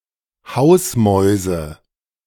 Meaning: nominative/accusative/genitive plural of Hausmaus
- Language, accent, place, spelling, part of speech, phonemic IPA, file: German, Germany, Berlin, Hausmäuse, noun, /ˈhaʊ̯sˌmɔɪ̯zə/, De-Hausmäuse.ogg